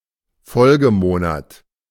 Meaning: following month, subsequent month
- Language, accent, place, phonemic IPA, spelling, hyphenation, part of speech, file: German, Germany, Berlin, /ˈfɔlɡəˌmoːnat/, Folgemonat, Fol‧ge‧mo‧nat, noun, De-Folgemonat.ogg